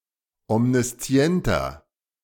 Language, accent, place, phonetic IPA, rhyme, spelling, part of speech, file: German, Germany, Berlin, [ɔmniˈst͡si̯ɛntɐ], -ɛntɐ, omniszienter, adjective, De-omniszienter.ogg
- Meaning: inflection of omniszient: 1. strong/mixed nominative masculine singular 2. strong genitive/dative feminine singular 3. strong genitive plural